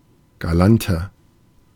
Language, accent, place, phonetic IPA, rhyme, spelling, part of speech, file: German, Germany, Berlin, [ɡaˈlantɐ], -antɐ, galanter, adjective, De-galanter.ogg
- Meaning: 1. comparative degree of galant 2. inflection of galant: strong/mixed nominative masculine singular 3. inflection of galant: strong genitive/dative feminine singular